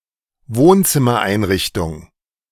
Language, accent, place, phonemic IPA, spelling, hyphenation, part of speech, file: German, Germany, Berlin, /ˈvoːnt͡sɪmɐˌʔaɪ̯nʁɪçtʊŋ/, Wohnzimmereinrichtung, Wohn‧zim‧mer‧ein‧rich‧tung, noun, De-Wohnzimmereinrichtung.ogg
- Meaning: living room design, living room furniture